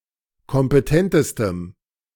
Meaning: strong dative masculine/neuter singular superlative degree of kompetent
- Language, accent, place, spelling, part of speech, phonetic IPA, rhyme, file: German, Germany, Berlin, kompetentestem, adjective, [kɔmpəˈtɛntəstəm], -ɛntəstəm, De-kompetentestem.ogg